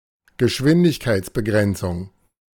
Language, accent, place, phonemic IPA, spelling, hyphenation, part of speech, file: German, Germany, Berlin, /ɡəˈʃvɪndɪçˌkaɪ̯tsbəˌɡrɛntsʊŋ/, Geschwindigkeitsbegrenzung, Ge‧schwin‧dig‧keits‧be‧gren‧zung, noun, De-Geschwindigkeitsbegrenzung.ogg
- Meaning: speed limit